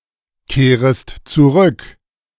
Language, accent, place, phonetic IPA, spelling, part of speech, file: German, Germany, Berlin, [ˌkeːʁəst t͡suˈʁʏk], kehrest zurück, verb, De-kehrest zurück.ogg
- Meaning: second-person singular subjunctive I of zurückkehren